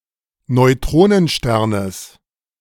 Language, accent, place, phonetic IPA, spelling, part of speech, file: German, Germany, Berlin, [nɔɪ̯ˈtʁoːnənˌʃtɛʁnəs], Neutronensternes, noun, De-Neutronensternes.ogg
- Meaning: genitive singular of Neutronenstern